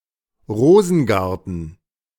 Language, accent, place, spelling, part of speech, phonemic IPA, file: German, Germany, Berlin, Rosengarten, noun, /ˈʁoːzn̩ˌɡaʁtn̩/, De-Rosengarten.ogg
- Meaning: rose garden